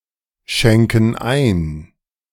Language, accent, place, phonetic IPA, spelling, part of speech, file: German, Germany, Berlin, [ˌʃɛŋkn̩ ˈaɪ̯n], schenken ein, verb, De-schenken ein.ogg
- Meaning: inflection of einschenken: 1. first/third-person plural present 2. first/third-person plural subjunctive I